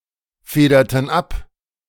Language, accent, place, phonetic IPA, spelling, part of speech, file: German, Germany, Berlin, [ˌfeːdɐtn̩ ˈap], federten ab, verb, De-federten ab.ogg
- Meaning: inflection of abfedern: 1. first/third-person plural preterite 2. first/third-person plural subjunctive II